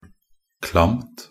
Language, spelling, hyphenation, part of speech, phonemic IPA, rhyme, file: Norwegian Bokmål, klamt, klamt, adjective, /klamt/, -amt, Nb-klamt.ogg
- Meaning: neuter singular of klam